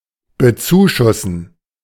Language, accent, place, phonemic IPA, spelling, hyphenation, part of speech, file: German, Germany, Berlin, /bəˈt͡suːˌʃʊsn̩/, bezuschussen, be‧zu‧schus‧sen, verb, De-bezuschussen.ogg
- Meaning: to subsidize (especially a specific sale or deal)